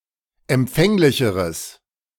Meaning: strong/mixed nominative/accusative neuter singular comparative degree of empfänglich
- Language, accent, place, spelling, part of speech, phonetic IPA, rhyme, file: German, Germany, Berlin, empfänglicheres, adjective, [ɛmˈp͡fɛŋlɪçəʁəs], -ɛŋlɪçəʁəs, De-empfänglicheres.ogg